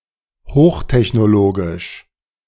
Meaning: high-tech
- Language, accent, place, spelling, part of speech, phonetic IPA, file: German, Germany, Berlin, hochtechnologisch, adjective, [ˈhoːxtɛçnoˌloːɡɪʃ], De-hochtechnologisch.ogg